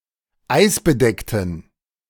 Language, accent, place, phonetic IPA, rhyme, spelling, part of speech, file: German, Germany, Berlin, [ˈaɪ̯sbəˌdɛktn̩], -aɪ̯sbədɛktn̩, eisbedeckten, adjective, De-eisbedeckten.ogg
- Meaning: inflection of eisbedeckt: 1. strong genitive masculine/neuter singular 2. weak/mixed genitive/dative all-gender singular 3. strong/weak/mixed accusative masculine singular 4. strong dative plural